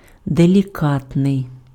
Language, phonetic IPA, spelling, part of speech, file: Ukrainian, [delʲiˈkatnei̯], делікатний, adjective, Uk-делікатний.ogg
- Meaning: 1. delicate, tactful (polite, considerate) 2. delicate (characterized by a fine structure) 3. delicate, sensitive (requiring careful handling) 4. delicate, fragile (susceptible to harm or damage)